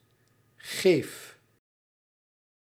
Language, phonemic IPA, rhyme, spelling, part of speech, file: Dutch, /ɣeːf/, -eːf, geef, noun / verb, Nl-geef.ogg
- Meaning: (noun) gift; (verb) inflection of geven: 1. first-person singular present indicative 2. second-person singular present indicative 3. imperative